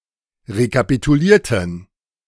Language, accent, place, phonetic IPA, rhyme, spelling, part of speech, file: German, Germany, Berlin, [ʁekapituˈliːɐ̯tn̩], -iːɐ̯tn̩, rekapitulierten, adjective / verb, De-rekapitulierten.ogg
- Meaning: inflection of rekapitulieren: 1. first/third-person plural preterite 2. first/third-person plural subjunctive II